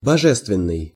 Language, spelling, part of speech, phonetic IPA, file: Russian, божественный, adjective, [bɐˈʐɛstvʲɪn(ː)ɨj], Ru-божественный.ogg
- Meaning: divine, godly, godlike